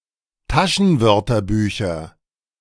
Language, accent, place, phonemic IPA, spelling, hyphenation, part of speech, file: German, Germany, Berlin, /ˈtaʃənˌvœʁtɐbyːçɐ/, Taschenwörterbücher, Ta‧schen‧wör‧ter‧bü‧cher, noun, De-Taschenwörterbücher.ogg
- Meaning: nominative/accusative/genitive plural of Taschenwörterbuch